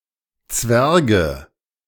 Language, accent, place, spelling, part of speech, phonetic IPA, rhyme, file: German, Germany, Berlin, Zwerge, noun, [ˈt͡svɛʁɡə], -ɛʁɡə, De-Zwerge.ogg
- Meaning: 1. nominative/accusative/genitive plural of Zwerg 2. dwarfs, dwarves